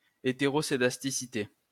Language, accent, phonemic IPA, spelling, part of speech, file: French, France, /e.te.ʁɔ.se.das.ti.si.te/, hétéroscédasticité, noun, LL-Q150 (fra)-hétéroscédasticité.wav
- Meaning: heteroscedasticity